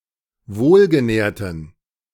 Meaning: inflection of wohlgenährt: 1. strong genitive masculine/neuter singular 2. weak/mixed genitive/dative all-gender singular 3. strong/weak/mixed accusative masculine singular 4. strong dative plural
- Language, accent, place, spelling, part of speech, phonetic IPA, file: German, Germany, Berlin, wohlgenährten, adjective, [ˈvoːlɡəˌnɛːɐ̯tn̩], De-wohlgenährten.ogg